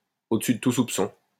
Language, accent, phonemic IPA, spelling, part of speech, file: French, France, /o.d(ə).sy d(ə) tu sup.sɔ̃/, au-dessus de tout soupçon, adjective, LL-Q150 (fra)-au-dessus de tout soupçon.wav
- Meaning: above suspicion, beyond suspicion